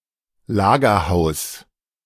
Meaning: warehouse, storehouse, magazine, depot
- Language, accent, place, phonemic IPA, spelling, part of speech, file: German, Germany, Berlin, /ˈlaːɡɐˌhaʊ̯s/, Lagerhaus, noun, De-Lagerhaus.ogg